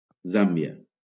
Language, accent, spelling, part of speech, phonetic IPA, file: Catalan, Valencia, Zàmbia, proper noun, [ˈzam.bi.a], LL-Q7026 (cat)-Zàmbia.wav
- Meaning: Zambia (a country in Africa)